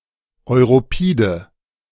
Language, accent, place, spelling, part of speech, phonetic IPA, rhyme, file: German, Germany, Berlin, europide, adjective, [ɔɪ̯ʁoˈpiːdə], -iːdə, De-europide.ogg
- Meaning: inflection of europid: 1. strong/mixed nominative/accusative feminine singular 2. strong nominative/accusative plural 3. weak nominative all-gender singular 4. weak accusative feminine/neuter singular